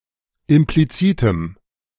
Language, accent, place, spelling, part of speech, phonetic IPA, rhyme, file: German, Germany, Berlin, implizitem, adjective, [ɪmpliˈt͡siːtəm], -iːtəm, De-implizitem.ogg
- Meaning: strong dative masculine/neuter singular of implizit